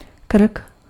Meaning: neck
- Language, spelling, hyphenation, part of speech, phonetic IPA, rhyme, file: Czech, krk, krk, noun, [ˈkr̩k], -r̩k, Cs-krk.ogg